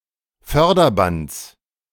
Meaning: genitive singular of Förderband
- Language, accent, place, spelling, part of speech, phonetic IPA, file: German, Germany, Berlin, Förderbands, noun, [ˈfœʁdɐˌbant͡s], De-Förderbands.ogg